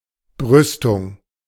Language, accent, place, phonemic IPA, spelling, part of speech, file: German, Germany, Berlin, /ˈbʁʏstʊŋ/, Brüstung, noun, De-Brüstung.ogg
- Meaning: parapet; balustrade (kind of railing, usually of stone and often solid rather than in the form of a fence)